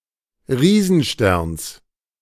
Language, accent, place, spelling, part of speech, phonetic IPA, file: German, Germany, Berlin, Riesensterns, noun, [ˈʁiːzn̩ˌʃtɛʁns], De-Riesensterns.ogg
- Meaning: genitive singular of Riesenstern